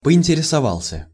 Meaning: masculine singular past indicative perfective of поинтересова́ться (pointeresovátʹsja)
- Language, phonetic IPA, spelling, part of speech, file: Russian, [pəɪnʲtʲɪrʲɪsɐˈvaɫs⁽ʲ⁾ə], поинтересовался, verb, Ru-поинтересовался.ogg